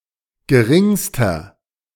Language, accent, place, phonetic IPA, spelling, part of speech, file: German, Germany, Berlin, [ɡəˈʁɪŋstɐ], geringster, adjective, De-geringster.ogg
- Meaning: inflection of gering: 1. strong/mixed nominative masculine singular superlative degree 2. strong genitive/dative feminine singular superlative degree 3. strong genitive plural superlative degree